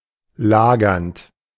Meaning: present participle of lagern
- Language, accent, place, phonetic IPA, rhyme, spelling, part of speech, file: German, Germany, Berlin, [ˈlaːɡɐnt], -aːɡɐnt, lagernd, verb, De-lagernd.ogg